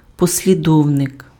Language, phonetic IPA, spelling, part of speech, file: Ukrainian, [pɔsʲlʲiˈdɔu̯nek], послідовник, noun, Uk-послідовник.ogg
- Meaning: follower